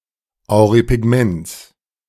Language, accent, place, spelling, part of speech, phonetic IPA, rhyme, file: German, Germany, Berlin, Auripigments, noun, [aʊ̯ʁipɪˈɡmɛnt͡s], -ɛnt͡s, De-Auripigments.ogg
- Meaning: genitive singular of Auripigment